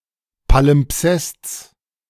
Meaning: genitive singular of Palimpsest
- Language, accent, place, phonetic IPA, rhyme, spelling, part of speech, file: German, Germany, Berlin, [palɪmˈpsɛst͡s], -ɛst͡s, Palimpsests, noun, De-Palimpsests.ogg